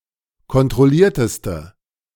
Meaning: inflection of kontrolliert: 1. strong/mixed nominative/accusative feminine singular superlative degree 2. strong nominative/accusative plural superlative degree
- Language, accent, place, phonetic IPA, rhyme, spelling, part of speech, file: German, Germany, Berlin, [kɔntʁɔˈliːɐ̯təstə], -iːɐ̯təstə, kontrollierteste, adjective, De-kontrollierteste.ogg